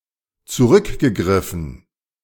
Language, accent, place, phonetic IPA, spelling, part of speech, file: German, Germany, Berlin, [t͡suˈʁʏkɡəˌɡʁɪfn̩], zurückgegriffen, verb, De-zurückgegriffen.ogg
- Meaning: past participle of zurückgreifen